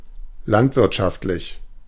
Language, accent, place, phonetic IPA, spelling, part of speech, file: German, Germany, Berlin, [ˈlantvɪʁtʃaftlɪç], landwirtschaftlich, adjective, De-landwirtschaftlich.ogg
- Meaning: 1. agricultural 2. agrarian